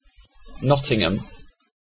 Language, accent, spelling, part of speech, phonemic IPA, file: English, UK, Nottingham, proper noun, /ˈnɒt.ɪŋ.əm/, En-uk-Nottingham.ogg
- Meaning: 1. A city, unitary authority, and borough of Nottinghamshire, England 2. Ellipsis of University of Nottingham